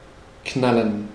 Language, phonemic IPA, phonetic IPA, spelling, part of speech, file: German, /ˈknalən/, [ˈkʰnaln̩], knallen, verb, De-knallen.ogg
- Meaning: 1. to bang, to pop (to produce a loud, sharp, percussive sound) 2. to shoot 3. to crash into/onto something with force, to collide with something